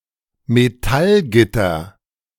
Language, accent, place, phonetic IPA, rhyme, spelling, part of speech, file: German, Germany, Berlin, [meˈtalˌɡɪtɐ], -alɡɪtɐ, Metallgitter, noun, De-Metallgitter.ogg
- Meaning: metal grid